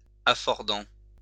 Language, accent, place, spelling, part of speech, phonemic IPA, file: French, France, Lyon, affordant, adjective, /a.fɔʁ.dɑ̃/, LL-Q150 (fra)-affordant.wav
- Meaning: affordant